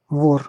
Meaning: 1. thief 2. traitor, apostate, outlaw 3. vore (sexual fetish)
- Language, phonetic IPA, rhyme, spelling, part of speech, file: Russian, [vor], -or, вор, noun, Ru-вор.ogg